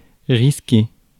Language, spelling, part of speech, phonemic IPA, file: French, risquer, verb, /ʁis.ke/, Fr-risquer.ogg
- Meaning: 1. to risk, to put at risk 2. to face, to incur 3. to run the risk of; to be likely to